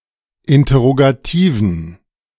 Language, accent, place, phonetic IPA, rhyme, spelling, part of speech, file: German, Germany, Berlin, [ˌɪntɐʁoɡaˈtiːvn̩], -iːvn̩, interrogativen, adjective, De-interrogativen.ogg
- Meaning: inflection of interrogativ: 1. strong genitive masculine/neuter singular 2. weak/mixed genitive/dative all-gender singular 3. strong/weak/mixed accusative masculine singular 4. strong dative plural